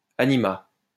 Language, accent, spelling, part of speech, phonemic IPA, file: French, France, anima, verb, /a.ni.ma/, LL-Q150 (fra)-anima.wav
- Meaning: third-person singular past historic of animer